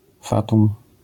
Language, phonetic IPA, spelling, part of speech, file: Polish, [ˈfatũm], fatum, noun, LL-Q809 (pol)-fatum.wav